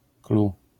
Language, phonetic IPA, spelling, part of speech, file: Polish, [klu], clou, noun, LL-Q809 (pol)-clou.wav